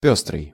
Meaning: 1. variegated, motley 2. multicoloured/multicolored 3. mixed 4. florid
- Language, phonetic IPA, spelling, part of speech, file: Russian, [ˈpʲɵstrɨj], пёстрый, adjective, Ru-пёстрый.ogg